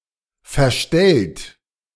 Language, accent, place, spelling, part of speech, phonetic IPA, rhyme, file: German, Germany, Berlin, verstellt, verb, [fɛɐ̯ˈʃtɛlt], -ɛlt, De-verstellt.ogg
- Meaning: 1. past participle of verstellen 2. inflection of verstellen: second-person plural present 3. inflection of verstellen: third-person singular present 4. inflection of verstellen: plural imperative